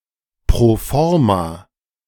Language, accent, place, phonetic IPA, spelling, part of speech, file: German, Germany, Berlin, [proː ˈfɔʁma], pro forma, phrase, De-pro forma.ogg
- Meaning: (adjective) pro forma